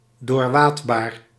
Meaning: wadeable, fordable
- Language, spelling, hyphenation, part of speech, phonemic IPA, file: Dutch, doorwaadbaar, door‧waad‧baar, adjective, /ˌdoːrˈʋaːt.baːr/, Nl-doorwaadbaar.ogg